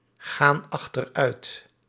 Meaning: inflection of achteruitgaan: 1. plural present indicative 2. plural present subjunctive
- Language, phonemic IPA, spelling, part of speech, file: Dutch, /ˈɣan ɑxtərˈœyt/, gaan achteruit, verb, Nl-gaan achteruit.ogg